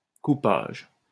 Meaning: 1. coupage 2. cutting (mixing of drugs with other substances)
- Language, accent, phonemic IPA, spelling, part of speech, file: French, France, /ku.paʒ/, coupage, noun, LL-Q150 (fra)-coupage.wav